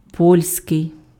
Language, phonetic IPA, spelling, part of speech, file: Ukrainian, [ˈpɔlʲsʲkei̯], польський, adjective, Uk-польський.ogg
- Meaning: Polish